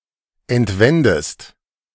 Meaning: inflection of entwenden: 1. second-person singular present 2. second-person singular subjunctive I
- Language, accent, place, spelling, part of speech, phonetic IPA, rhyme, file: German, Germany, Berlin, entwendest, verb, [ɛntˈvɛndəst], -ɛndəst, De-entwendest.ogg